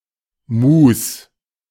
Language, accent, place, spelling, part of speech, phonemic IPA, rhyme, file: German, Germany, Berlin, Mus, noun, /muːs/, -uːs, De-Mus.ogg
- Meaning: mush, mash (food of a pulpy consistency, chiefly made out of fruit and vegetables)